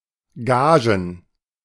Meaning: plural of Gage
- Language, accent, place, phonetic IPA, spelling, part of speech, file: German, Germany, Berlin, [ˈɡaːʒən], Gagen, noun, De-Gagen.ogg